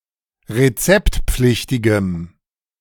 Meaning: strong dative masculine/neuter singular of rezeptpflichtig
- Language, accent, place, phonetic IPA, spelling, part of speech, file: German, Germany, Berlin, [ʁeˈt͡sɛptˌp͡flɪçtɪɡəm], rezeptpflichtigem, adjective, De-rezeptpflichtigem.ogg